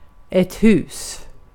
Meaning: 1. a house 2. a house (restaurant, casino, theater, etc. – place of public accommodation or entertainment) 3. a house ((royal) family) 4. a castle (several Swedish castles have "hus" in their name)
- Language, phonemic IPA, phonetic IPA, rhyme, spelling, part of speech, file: Swedish, /hʉːs/, [hʉᵝːs̪], -ʉːs, hus, noun, Sv-hus.ogg